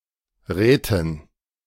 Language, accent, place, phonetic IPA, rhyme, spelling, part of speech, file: German, Germany, Berlin, [ˈʁɛːtn̩], -ɛːtn̩, Räten, noun, De-Räten.ogg
- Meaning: dative plural of Rat